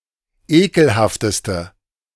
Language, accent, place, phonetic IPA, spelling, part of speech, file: German, Germany, Berlin, [ˈeːkl̩haftəstə], ekelhafteste, adjective, De-ekelhafteste.ogg
- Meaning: inflection of ekelhaft: 1. strong/mixed nominative/accusative feminine singular superlative degree 2. strong nominative/accusative plural superlative degree